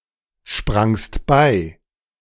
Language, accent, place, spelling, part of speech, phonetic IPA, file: German, Germany, Berlin, sprangst bei, verb, [ˌʃpʁaŋst ˈbaɪ̯], De-sprangst bei.ogg
- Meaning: second-person singular preterite of beispringen